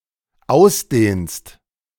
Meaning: second-person singular dependent present of ausdehnen
- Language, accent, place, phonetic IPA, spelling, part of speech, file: German, Germany, Berlin, [ˈaʊ̯sˌdeːnst], ausdehnst, verb, De-ausdehnst.ogg